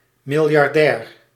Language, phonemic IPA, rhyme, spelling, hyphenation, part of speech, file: Dutch, /ˌmɪl.jɑrˈdɛːr/, -ɛːr, miljardair, mil‧jar‧dair, noun, Nl-miljardair.ogg
- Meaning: billionaire